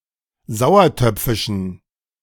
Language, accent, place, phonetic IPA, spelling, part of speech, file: German, Germany, Berlin, [ˈzaʊ̯ɐˌtœp͡fɪʃn̩], sauertöpfischen, adjective, De-sauertöpfischen.ogg
- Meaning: inflection of sauertöpfisch: 1. strong genitive masculine/neuter singular 2. weak/mixed genitive/dative all-gender singular 3. strong/weak/mixed accusative masculine singular 4. strong dative plural